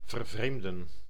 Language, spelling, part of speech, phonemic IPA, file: Dutch, vervreemden, verb, /vərˈvremdə(n)/, Nl-vervreemden.ogg
- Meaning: to alienate